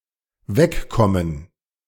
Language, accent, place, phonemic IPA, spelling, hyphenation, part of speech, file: German, Germany, Berlin, /ˈvɛkkɔmən/, wegkommen, weg‧kom‧men, verb, De-wegkommen.ogg
- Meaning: 1. to get away (to move from a spot) 2. to get away, to move away (from a customary action, habit, behaviour, manner, routine, etc.)